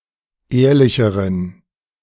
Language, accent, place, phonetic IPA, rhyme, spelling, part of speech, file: German, Germany, Berlin, [ˈeːɐ̯lɪçəʁən], -eːɐ̯lɪçəʁən, ehrlicheren, adjective, De-ehrlicheren.ogg
- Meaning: inflection of ehrlich: 1. strong genitive masculine/neuter singular comparative degree 2. weak/mixed genitive/dative all-gender singular comparative degree